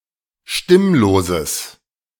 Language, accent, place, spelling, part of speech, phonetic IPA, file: German, Germany, Berlin, stimmloses, adjective, [ˈʃtɪmloːzəs], De-stimmloses.ogg
- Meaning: strong/mixed nominative/accusative neuter singular of stimmlos